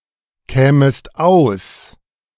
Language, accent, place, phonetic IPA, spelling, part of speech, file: German, Germany, Berlin, [ˌkɛːməst ˈaʊ̯s], kämest aus, verb, De-kämest aus.ogg
- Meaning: second-person singular subjunctive II of auskommen